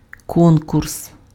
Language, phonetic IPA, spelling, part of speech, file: Ukrainian, [ˈkɔnkʊrs], конкурс, noun, Uk-конкурс.ogg
- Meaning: contest; competition